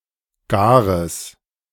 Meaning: strong/mixed nominative/accusative neuter singular of gar
- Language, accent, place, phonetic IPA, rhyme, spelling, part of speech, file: German, Germany, Berlin, [ˈɡaːʁəs], -aːʁəs, gares, adjective, De-gares.ogg